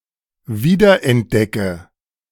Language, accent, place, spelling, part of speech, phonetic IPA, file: German, Germany, Berlin, wiederentdecke, verb, [ˈviːdɐʔɛntˌdɛkə], De-wiederentdecke.ogg
- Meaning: inflection of wiederentdecken: 1. first-person singular present 2. first/third-person singular subjunctive I 3. singular imperative